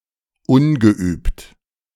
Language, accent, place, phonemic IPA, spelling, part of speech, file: German, Germany, Berlin, /ˈʊnɡəˌʔyːpt/, ungeübt, adjective, De-ungeübt.ogg
- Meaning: inexperienced, unskilled